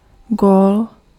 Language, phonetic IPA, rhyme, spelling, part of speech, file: Czech, [ˈɡoːl], -oːl, gól, noun, Cs-gól.ogg
- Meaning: 1. goal (action in sports) 2. turn up for the book (usually a part of the phrase To je (teda) gól.)